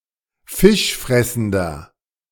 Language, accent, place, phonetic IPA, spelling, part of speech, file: German, Germany, Berlin, [ˈfɪʃˌfʁɛsn̩dɐ], fischfressender, adjective, De-fischfressender.ogg
- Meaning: inflection of fischfressend: 1. strong/mixed nominative masculine singular 2. strong genitive/dative feminine singular 3. strong genitive plural